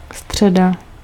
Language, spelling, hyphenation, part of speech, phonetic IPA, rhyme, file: Czech, středa, stře‧da, noun, [ˈstr̝̊ɛda], -ɛda, Cs-středa.ogg
- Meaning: Wednesday